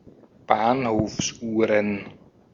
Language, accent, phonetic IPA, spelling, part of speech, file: German, Austria, [ˈbaːnhoːfsˌʔuːʁən], Bahnhofsuhren, noun, De-at-Bahnhofsuhren.ogg
- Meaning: plural of Bahnhofsuhr